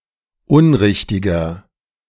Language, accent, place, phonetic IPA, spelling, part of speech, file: German, Germany, Berlin, [ˈʊnˌʁɪçtɪɡɐ], unrichtiger, adjective, De-unrichtiger.ogg
- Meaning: inflection of unrichtig: 1. strong/mixed nominative masculine singular 2. strong genitive/dative feminine singular 3. strong genitive plural